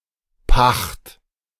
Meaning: lease
- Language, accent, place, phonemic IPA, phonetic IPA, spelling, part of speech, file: German, Germany, Berlin, /paxt/, [paχt], Pacht, noun, De-Pacht.ogg